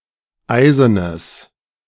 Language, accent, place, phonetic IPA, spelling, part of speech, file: German, Germany, Berlin, [ˈaɪ̯zənəs], eisenes, adjective, De-eisenes.ogg
- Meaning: strong/mixed nominative/accusative neuter singular of eisen